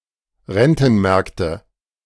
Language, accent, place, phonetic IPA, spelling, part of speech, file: German, Germany, Berlin, [ˈʁɛntn̩ˌmɛʁktə], Rentenmärkte, noun, De-Rentenmärkte.ogg
- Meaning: nominative/accusative/genitive plural of Rentenmarkt